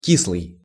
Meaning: 1. sour 2. fermented, sour 3. dispirited, disheartened, crestfallen, down in the dumps 4. displeased, dissatisfied 5. acid
- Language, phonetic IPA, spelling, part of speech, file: Russian, [ˈkʲisɫɨj], кислый, adjective, Ru-кислый.ogg